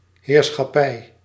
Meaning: lordship, dominion
- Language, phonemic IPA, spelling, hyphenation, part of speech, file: Dutch, /ɦeːr.sxɑˈpɛi̯/, heerschappij, heer‧schap‧pij, noun, Nl-heerschappij.ogg